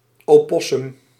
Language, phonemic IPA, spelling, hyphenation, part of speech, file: Dutch, /ˌoːˈpɔ.sʏm/, opossum, opos‧sum, noun, Nl-opossum.ogg
- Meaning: opossum, marsupial of the family Didelphidae